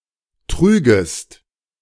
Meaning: second-person singular subjunctive II of tragen
- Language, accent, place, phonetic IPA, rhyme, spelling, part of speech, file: German, Germany, Berlin, [ˈtʁyːɡəst], -yːɡəst, trügest, verb, De-trügest.ogg